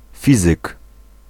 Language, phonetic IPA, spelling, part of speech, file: Polish, [ˈfʲizɨk], fizyk, noun, Pl-fizyk.ogg